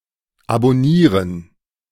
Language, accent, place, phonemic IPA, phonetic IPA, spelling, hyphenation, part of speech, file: German, Germany, Berlin, /abɔˈniːʁən/, [ʔabɔˈniːɐ̯n], abonnieren, abon‧nie‧ren, verb, De-abonnieren.ogg
- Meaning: 1. to subscribe (to a newspaper, a [social media/TV] channel, etc.) 2. to follow (e.g., on Instagram or Twitter)